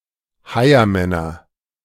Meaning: nominative/accusative/genitive plural of Heiermann
- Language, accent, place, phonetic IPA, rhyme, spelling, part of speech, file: German, Germany, Berlin, [ˈhaɪ̯ɐmɛnɐ], -aɪ̯ɐmɛnɐ, Heiermänner, noun, De-Heiermänner.ogg